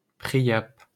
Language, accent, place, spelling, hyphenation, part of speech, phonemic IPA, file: French, France, Paris, Priape, Pri‧ape, proper noun, /pʁi.jap/, LL-Q150 (fra)-Priape.wav
- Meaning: Priapus (son of Aphrodite and Dionysus)